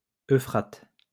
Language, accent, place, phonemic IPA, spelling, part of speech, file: French, France, Lyon, /ø.fʁat/, Euphrate, proper noun, LL-Q150 (fra)-Euphrate.wav
- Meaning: Euphrates (a river in West Asia, 2780 kilometers in length, flowing southwest from Turkey, then southeast, and uniting with the Tigris before entering the Persian Gulf)